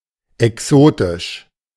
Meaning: exotic
- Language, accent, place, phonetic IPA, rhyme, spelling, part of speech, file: German, Germany, Berlin, [ɛˈksoːtɪʃ], -oːtɪʃ, exotisch, adjective, De-exotisch.ogg